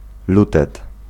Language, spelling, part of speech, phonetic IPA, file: Polish, lutet, noun, [ˈlutɛt], Pl-lutet.ogg